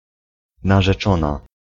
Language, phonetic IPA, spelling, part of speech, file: Polish, [ˌnaʒɛˈt͡ʃɔ̃na], narzeczona, noun, Pl-narzeczona.ogg